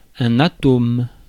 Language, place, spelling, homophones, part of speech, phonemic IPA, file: French, Paris, atome, atomes, noun, /a.tom/, Fr-atome.ogg
- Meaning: 1. atom (particle) 2. scrap, jot, iota, whit (very small amount)